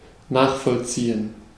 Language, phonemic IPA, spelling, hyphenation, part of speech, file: German, /ˈnaːχfɔlˌt͡siːən/, nachvollziehen, nach‧voll‧zie‧hen, verb, De-nachvollziehen.ogg
- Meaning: to understand, to comprehend (a line of thought, a development, a motivation; with a focus on how something derives from previous steps or conditions)